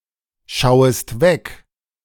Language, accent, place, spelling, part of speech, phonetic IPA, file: German, Germany, Berlin, schauest weg, verb, [ˌʃaʊ̯əst ˈvɛk], De-schauest weg.ogg
- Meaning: second-person singular subjunctive I of wegschauen